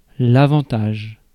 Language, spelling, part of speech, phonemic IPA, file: French, avantage, noun, /a.vɑ̃.taʒ/, Fr-avantage.ogg
- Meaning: 1. advantage (advantageous position) 2. advantage